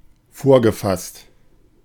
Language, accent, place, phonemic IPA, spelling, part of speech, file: German, Germany, Berlin, /ˈfoːɐ̯ɡəˌfast/, vorgefasst, adjective, De-vorgefasst.ogg
- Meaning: preconceived